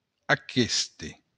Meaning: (determiner) this; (pronoun) this (masculine thing)
- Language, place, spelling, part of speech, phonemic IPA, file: Occitan, Béarn, aqueste, determiner / pronoun, /aˈkeste/, LL-Q14185 (oci)-aqueste.wav